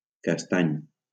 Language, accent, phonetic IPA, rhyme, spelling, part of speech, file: Catalan, Valencia, [kasˈtaɲ], -aɲ, castany, adjective / noun, LL-Q7026 (cat)-castany.wav
- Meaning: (adjective) chestnut; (noun) chestnut (color)